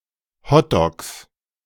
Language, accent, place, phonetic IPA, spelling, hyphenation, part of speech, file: German, Germany, Berlin, [ˈhɔtdɔks], Hotdogs, Hot‧dogs, noun, De-Hotdogs.ogg
- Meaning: 1. plural of Hotdog 2. genitive singular of Hotdog